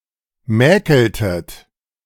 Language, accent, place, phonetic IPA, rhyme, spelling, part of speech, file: German, Germany, Berlin, [ˈmɛːkl̩tət], -ɛːkl̩tət, mäkeltet, verb, De-mäkeltet.ogg
- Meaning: inflection of mäkeln: 1. second-person plural preterite 2. second-person plural subjunctive II